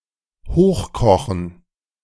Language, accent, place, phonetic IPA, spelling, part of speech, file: German, Germany, Berlin, [ˈhoːxˌkɔxn̩], hochkochen, verb, De-hochkochen.ogg
- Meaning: to run high, to boil